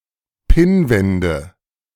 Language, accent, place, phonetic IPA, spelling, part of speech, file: German, Germany, Berlin, [ˈpɪnˌvɛndə], Pinnwände, noun, De-Pinnwände.ogg
- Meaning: nominative/accusative/genitive plural of Pinnwand